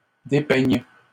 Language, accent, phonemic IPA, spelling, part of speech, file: French, Canada, /de.pɛɲ/, dépeignent, verb, LL-Q150 (fra)-dépeignent.wav
- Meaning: third-person plural present indicative/subjunctive of dépeindre